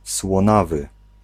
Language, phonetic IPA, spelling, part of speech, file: Polish, [swɔ̃ˈnavɨ], słonawy, adjective, Pl-słonawy.ogg